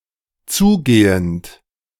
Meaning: present participle of zugehen
- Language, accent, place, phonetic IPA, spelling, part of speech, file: German, Germany, Berlin, [ˈt͡suːˌɡeːənt], zugehend, verb, De-zugehend.ogg